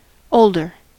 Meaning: 1. comparative form of old: more old, elder, senior 2. elderly
- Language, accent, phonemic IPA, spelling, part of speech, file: English, US, /ˈoʊldɚ/, older, adjective, En-us-older.ogg